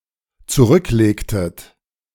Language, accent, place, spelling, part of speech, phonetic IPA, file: German, Germany, Berlin, zurücklegtet, verb, [t͡suˈʁʏkˌleːktət], De-zurücklegtet.ogg
- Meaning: inflection of zurücklegen: 1. second-person plural dependent preterite 2. second-person plural dependent subjunctive II